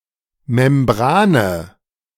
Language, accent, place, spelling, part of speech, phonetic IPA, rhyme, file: German, Germany, Berlin, Membrane, noun, [mɛmˈbʁaːnə], -aːnə, De-Membrane.ogg
- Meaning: membrane